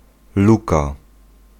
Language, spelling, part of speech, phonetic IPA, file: Polish, luka, noun, [ˈluka], Pl-luka.ogg